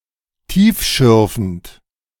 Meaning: profound, meaningful
- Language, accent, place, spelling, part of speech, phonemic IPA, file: German, Germany, Berlin, tiefschürfend, adjective, /ˈtiːfˌʃʏʁfn̩t/, De-tiefschürfend.ogg